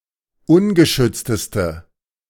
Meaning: inflection of ungeschützt: 1. strong/mixed nominative/accusative feminine singular superlative degree 2. strong nominative/accusative plural superlative degree
- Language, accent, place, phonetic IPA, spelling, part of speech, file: German, Germany, Berlin, [ˈʊnɡəˌʃʏt͡stəstə], ungeschützteste, adjective, De-ungeschützteste.ogg